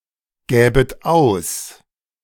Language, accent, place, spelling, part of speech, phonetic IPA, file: German, Germany, Berlin, gäbet aus, verb, [ˌɡɛːbət ˈaʊ̯s], De-gäbet aus.ogg
- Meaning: second-person plural subjunctive II of ausgeben